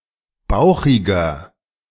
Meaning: 1. comparative degree of bauchig 2. inflection of bauchig: strong/mixed nominative masculine singular 3. inflection of bauchig: strong genitive/dative feminine singular
- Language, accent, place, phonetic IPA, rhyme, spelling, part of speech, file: German, Germany, Berlin, [ˈbaʊ̯xɪɡɐ], -aʊ̯xɪɡɐ, bauchiger, adjective, De-bauchiger.ogg